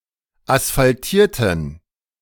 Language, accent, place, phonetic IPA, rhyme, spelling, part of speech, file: German, Germany, Berlin, [asfalˈtiːɐ̯tn̩], -iːɐ̯tn̩, asphaltierten, adjective / verb, De-asphaltierten.ogg
- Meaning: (verb) inflection of asphaltiert: 1. strong genitive masculine/neuter singular 2. weak/mixed genitive/dative all-gender singular 3. strong/weak/mixed accusative masculine singular